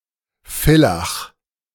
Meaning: Villach (a statutory city in Carinthia, Austria)
- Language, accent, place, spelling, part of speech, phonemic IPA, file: German, Germany, Berlin, Villach, proper noun, /ˈfɪlaχ/, De-Villach.ogg